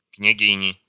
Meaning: inflection of княги́ня (knjagínja): 1. genitive singular 2. nominative plural
- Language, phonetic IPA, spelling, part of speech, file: Russian, [knʲɪˈɡʲinʲɪ], княгини, noun, Ru-княгини.ogg